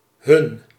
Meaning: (pronoun) 1. dative case of the third-person plural personal pronoun: them, to them 2. accusative case of the third-person plural personal pronoun: them
- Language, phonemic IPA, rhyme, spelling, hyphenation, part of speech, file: Dutch, /ɦʏn/, -ʏn, hun, hun, pronoun / determiner, Nl-hun.ogg